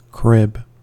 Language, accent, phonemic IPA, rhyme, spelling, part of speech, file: English, US, /kɹɪb/, -ɪb, crib, noun / verb, En-us-crib.ogg
- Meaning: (noun) 1. A baby’s bed with high, often slatted, often moveable sides, suitable for a child who has outgrown a cradle or bassinet 2. A bed for a child older than a baby